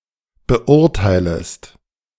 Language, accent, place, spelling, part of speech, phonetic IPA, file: German, Germany, Berlin, beurteilest, verb, [bəˈʔʊʁtaɪ̯ləst], De-beurteilest.ogg
- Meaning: second-person singular subjunctive I of beurteilen